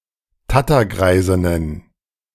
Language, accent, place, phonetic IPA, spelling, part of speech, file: German, Germany, Berlin, [ˈtatɐˌɡʁaɪ̯zɪnən], Tattergreisinnen, noun, De-Tattergreisinnen.ogg
- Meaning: plural of Tattergreisin